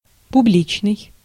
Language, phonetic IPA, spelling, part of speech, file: Russian, [pʊˈblʲit͡ɕnɨj], публичный, adjective, Ru-публичный.ogg
- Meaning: public